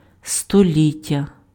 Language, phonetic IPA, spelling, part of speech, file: Ukrainian, [stoˈlʲitʲːɐ], століття, noun, Uk-століття.ogg
- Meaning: 1. century 2. centenary